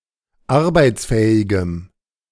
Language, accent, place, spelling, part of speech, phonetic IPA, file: German, Germany, Berlin, arbeitsfähigem, adjective, [ˈaʁbaɪ̯t͡sˌfɛːɪɡəm], De-arbeitsfähigem.ogg
- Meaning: strong dative masculine/neuter singular of arbeitsfähig